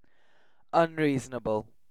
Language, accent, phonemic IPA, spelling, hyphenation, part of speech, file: English, UK, /ʌnˈɹiːz.(ə)nə.bl̩/, unreasonable, un‧rea‧son‧a‧ble, adjective, En-uk-unreasonable.ogg
- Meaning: 1. Without the ability to reason; unreasoning 2. Not reasonable; going beyond what could be expected or asked for